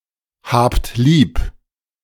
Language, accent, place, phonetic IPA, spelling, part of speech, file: German, Germany, Berlin, [ˌhaːpt ˈliːp], habt lieb, verb, De-habt lieb.ogg
- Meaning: inflection of lieb haben: 1. second-person plural present 2. plural imperative